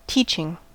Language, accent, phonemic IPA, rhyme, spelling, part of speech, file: English, US, /ˈtiːt͡ʃɪŋ/, -iːtʃɪŋ, teaching, noun / verb, En-us-teaching.ogg
- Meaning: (noun) 1. Something taught by a religious or philosophical authority 2. The profession of educating people; the activity that a teacher does when he/she teaches